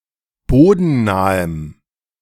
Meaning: strong dative masculine/neuter singular of bodennah
- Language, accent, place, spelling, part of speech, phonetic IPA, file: German, Germany, Berlin, bodennahem, adjective, [ˈboːdn̩ˌnaːəm], De-bodennahem.ogg